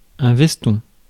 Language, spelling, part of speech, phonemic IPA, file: French, veston, noun, /vɛs.tɔ̃/, Fr-veston.ogg
- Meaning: jacket